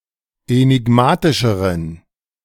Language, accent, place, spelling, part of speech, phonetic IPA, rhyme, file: German, Germany, Berlin, enigmatischeren, adjective, [enɪˈɡmaːtɪʃəʁən], -aːtɪʃəʁən, De-enigmatischeren.ogg
- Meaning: inflection of enigmatisch: 1. strong genitive masculine/neuter singular comparative degree 2. weak/mixed genitive/dative all-gender singular comparative degree